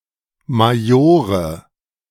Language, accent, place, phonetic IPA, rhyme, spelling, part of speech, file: German, Germany, Berlin, [maˈjoːʁə], -oːʁə, Majore, noun, De-Majore.ogg
- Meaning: nominative/accusative/genitive plural of Major